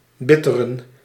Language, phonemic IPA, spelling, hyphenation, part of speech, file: Dutch, /ˈbɪtərə(n)/, bitteren, bit‧te‧ren, verb, Nl-bitteren.ogg
- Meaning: to drink a bitter (liquor)